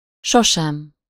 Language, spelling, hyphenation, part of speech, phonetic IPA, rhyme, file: Hungarian, sosem, so‧sem, adverb, [ˈʃoʃɛm], -ɛm, Hu-sosem.ogg
- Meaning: alternative form of sohasem (“never”)